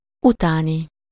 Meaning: after
- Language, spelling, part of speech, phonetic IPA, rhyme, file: Hungarian, utáni, adjective, [ˈutaːni], -ni, Hu-utáni.ogg